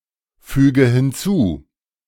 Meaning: inflection of hinzufügen: 1. first-person singular present 2. first/third-person singular subjunctive I 3. singular imperative
- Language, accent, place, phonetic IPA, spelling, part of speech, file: German, Germany, Berlin, [ˌfyːɡə hɪnˈt͡suː], füge hinzu, verb, De-füge hinzu.ogg